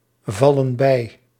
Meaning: inflection of bijvallen: 1. plural present indicative 2. plural present subjunctive
- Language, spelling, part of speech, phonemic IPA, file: Dutch, vallen bij, verb, /ˈvɑlə(n) ˈbɛi/, Nl-vallen bij.ogg